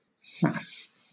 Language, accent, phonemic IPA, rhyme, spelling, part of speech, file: English, Southern England, /sæs/, -æs, sass, noun / verb, LL-Q1860 (eng)-sass.wav
- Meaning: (noun) 1. The quality of being sassy 2. Backtalk, cheek, sarcasm 3. Vegetables used in making sauces 4. A subgenre of screamo music; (verb) 1. To talk, to talk back 2. To speak insolently to